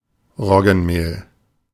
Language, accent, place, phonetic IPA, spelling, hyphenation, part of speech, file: German, Germany, Berlin, [ˈʁɔɡn̩ˌmeːl], Roggenmehl, Rog‧gen‧mehl, noun, De-Roggenmehl.ogg
- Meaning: rye flour